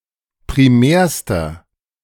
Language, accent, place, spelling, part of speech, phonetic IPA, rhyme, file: German, Germany, Berlin, primärster, adjective, [pʁiˈmɛːɐ̯stɐ], -ɛːɐ̯stɐ, De-primärster.ogg
- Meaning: inflection of primär: 1. strong/mixed nominative masculine singular superlative degree 2. strong genitive/dative feminine singular superlative degree 3. strong genitive plural superlative degree